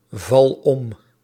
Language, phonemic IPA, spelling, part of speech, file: Dutch, /ˈvɑl ˈɔm/, val om, verb, Nl-val om.ogg
- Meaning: inflection of omvallen: 1. first-person singular present indicative 2. second-person singular present indicative 3. imperative